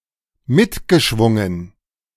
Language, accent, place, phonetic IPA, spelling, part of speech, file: German, Germany, Berlin, [ˈmɪtɡəˌʃvʊŋən], mitgeschwungen, verb, De-mitgeschwungen.ogg
- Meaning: past participle of mitschwingen